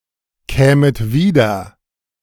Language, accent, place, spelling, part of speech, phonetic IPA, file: German, Germany, Berlin, kämet wieder, verb, [ˌkɛːmət ˈviːdɐ], De-kämet wieder.ogg
- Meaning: second-person plural subjunctive I of wiederkommen